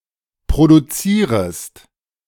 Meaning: second-person singular subjunctive I of produzieren
- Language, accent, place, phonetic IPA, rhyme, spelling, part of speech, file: German, Germany, Berlin, [pʁoduˈt͡siːʁəst], -iːʁəst, produzierest, verb, De-produzierest.ogg